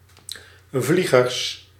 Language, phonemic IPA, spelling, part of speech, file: Dutch, /ˈvliɣərs/, vliegers, noun, Nl-vliegers.ogg
- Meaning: plural of vlieger